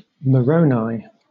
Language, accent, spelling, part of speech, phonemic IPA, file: English, Southern England, Moroni, proper noun, /məˈɹəʊnaɪ/, LL-Q1860 (eng)-Moroni.wav
- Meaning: 1. A small city in central Utah 2. The last book in the Book of Mormon